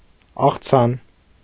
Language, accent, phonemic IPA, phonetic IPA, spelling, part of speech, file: Armenian, Eastern Armenian, /ɑχˈt͡sʰɑn/, [ɑχt͡sʰɑ́n], աղցան, noun, Hy-աղցան.ogg
- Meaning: salad